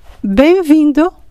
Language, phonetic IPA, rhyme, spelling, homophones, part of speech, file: Portuguese, [ˌbẽɪ̯̃ˈvĩ.du], -ĩdu, bem-vindo, Benvindo, adjective / interjection, Pt-bem-vindo.ogg
- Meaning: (adjective) welcome (whose arrival is a cause of joy); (interjection) welcome